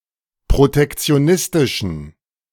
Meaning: inflection of protektionistisch: 1. strong genitive masculine/neuter singular 2. weak/mixed genitive/dative all-gender singular 3. strong/weak/mixed accusative masculine singular
- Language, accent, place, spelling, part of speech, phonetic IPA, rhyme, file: German, Germany, Berlin, protektionistischen, adjective, [pʁotɛkt͡si̯oˈnɪstɪʃn̩], -ɪstɪʃn̩, De-protektionistischen.ogg